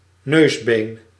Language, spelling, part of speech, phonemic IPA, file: Dutch, neusbeen, noun, /ˈnøzben/, Nl-neusbeen.ogg
- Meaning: the nasal bone